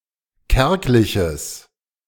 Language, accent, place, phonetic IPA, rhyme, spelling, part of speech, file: German, Germany, Berlin, [ˈkɛʁklɪçəs], -ɛʁklɪçəs, kärgliches, adjective, De-kärgliches.ogg
- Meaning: strong/mixed nominative/accusative neuter singular of kärglich